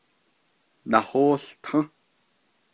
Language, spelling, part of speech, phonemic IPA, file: Navajo, nahóółtą́, verb, /nɑ̀hóːɬtʰɑ̃́/, Nv-nahóółtą́.ogg
- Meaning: third-person perfective of nahałtin